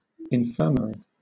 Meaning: 1. A place where sick or injured people are cared for, especially a small hospital; sickhouse 2. A clinic or dispensary within another institution
- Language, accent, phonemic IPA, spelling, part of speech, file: English, Southern England, /ɪnˈfɝməɹi/, infirmary, noun, LL-Q1860 (eng)-infirmary.wav